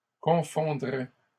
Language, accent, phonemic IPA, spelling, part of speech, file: French, Canada, /kɔ̃.fɔ̃.dʁɛ/, confondraient, verb, LL-Q150 (fra)-confondraient.wav
- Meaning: third-person plural conditional of confondre